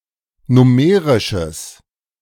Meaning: strong/mixed nominative/accusative neuter singular of nummerisch
- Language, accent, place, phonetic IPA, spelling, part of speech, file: German, Germany, Berlin, [ˈnʊməʁɪʃəs], nummerisches, adjective, De-nummerisches.ogg